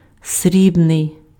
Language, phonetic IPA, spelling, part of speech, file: Ukrainian, [ˈsʲrʲibnei̯], срібний, adjective / noun, Uk-срібний.ogg
- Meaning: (adjective) 1. silver (made of silver) 2. woven from silk with a very thin layer of silver 3. silvery (resembling silver in color, shiny white)